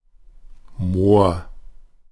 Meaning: 1. marsh, mire, bog 2. moor 3. fen
- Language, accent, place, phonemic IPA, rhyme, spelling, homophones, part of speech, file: German, Germany, Berlin, /moːɐ̯/, -oːɐ̯, Moor, Mohr, noun, De-Moor.ogg